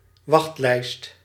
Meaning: waiting list
- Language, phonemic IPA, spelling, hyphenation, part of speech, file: Dutch, /ˈʋɑxt.lɛi̯st/, wachtlijst, wacht‧lijst, noun, Nl-wachtlijst.ogg